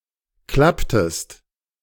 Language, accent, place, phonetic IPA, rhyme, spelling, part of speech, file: German, Germany, Berlin, [ˈklaptəst], -aptəst, klapptest, verb, De-klapptest.ogg
- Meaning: inflection of klappen: 1. second-person singular preterite 2. second-person singular subjunctive II